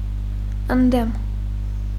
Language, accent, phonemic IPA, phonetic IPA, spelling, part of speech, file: Armenian, Eastern Armenian, /əndˈdem/, [əndːém], ընդդեմ, preposition, Hy-ընդդեմ.ogg
- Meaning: 1. against 2. contrary to, as opposed to 3. opposite, across from